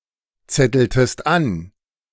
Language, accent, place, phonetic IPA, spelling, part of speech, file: German, Germany, Berlin, [ˌt͡sɛtl̩təst ˈan], zetteltest an, verb, De-zetteltest an.ogg
- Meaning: inflection of anzetteln: 1. second-person singular preterite 2. second-person singular subjunctive II